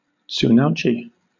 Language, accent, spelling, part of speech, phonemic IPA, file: English, Southern England, tsunauchi, noun, /ˌ(t)suːnɑːˈuːt͡ʃi/, LL-Q1860 (eng)-tsunauchi.wav
- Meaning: the ceremony in which a yokozuna's tsuna belt is made and presented